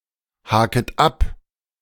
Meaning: second-person plural subjunctive I of abhaken
- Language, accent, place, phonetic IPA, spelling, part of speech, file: German, Germany, Berlin, [ˌhaːkət ˈap], haket ab, verb, De-haket ab.ogg